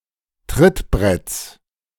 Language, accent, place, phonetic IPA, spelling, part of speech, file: German, Germany, Berlin, [ˈtʁɪtˌbʁɛt͡s], Trittbretts, noun, De-Trittbretts.ogg
- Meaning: genitive singular of Trittbrett